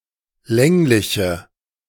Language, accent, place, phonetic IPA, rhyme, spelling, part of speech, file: German, Germany, Berlin, [ˈlɛŋlɪçə], -ɛŋlɪçə, längliche, adjective, De-längliche.ogg
- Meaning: inflection of länglich: 1. strong/mixed nominative/accusative feminine singular 2. strong nominative/accusative plural 3. weak nominative all-gender singular